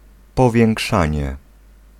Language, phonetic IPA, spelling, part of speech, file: Polish, [ˌpɔvʲjɛ̃ŋˈkʃãɲɛ], powiększanie, noun, Pl-powiększanie.ogg